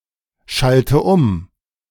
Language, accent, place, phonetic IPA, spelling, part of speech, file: German, Germany, Berlin, [ˌʃaltə ˈʊm], schalte um, verb, De-schalte um.ogg
- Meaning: inflection of umschalten: 1. first-person singular present 2. first/third-person singular subjunctive I 3. singular imperative